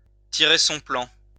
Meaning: to figure it out oneself, to manage, to handle things by oneself
- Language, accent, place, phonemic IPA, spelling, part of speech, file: French, France, Lyon, /ti.ʁe sɔ̃ plɑ̃/, tirer son plan, verb, LL-Q150 (fra)-tirer son plan.wav